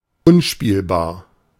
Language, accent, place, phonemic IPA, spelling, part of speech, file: German, Germany, Berlin, /ˈʊnˌʃpiːlbaːɐ̯/, unspielbar, adjective, De-unspielbar.ogg
- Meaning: unplayable